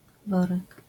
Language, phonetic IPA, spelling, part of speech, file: Polish, [ˈvɔrɛk], worek, noun, LL-Q809 (pol)-worek.wav